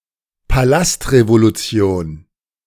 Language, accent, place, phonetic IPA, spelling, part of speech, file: German, Germany, Berlin, [paˈlastʁevoluˌt͡si̯oːn], Palastrevolution, noun, De-Palastrevolution.ogg
- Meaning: palace revolution